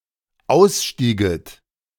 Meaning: second-person plural dependent subjunctive II of aussteigen
- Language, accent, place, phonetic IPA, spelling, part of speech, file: German, Germany, Berlin, [ˈaʊ̯sˌʃtiːɡət], ausstieget, verb, De-ausstieget.ogg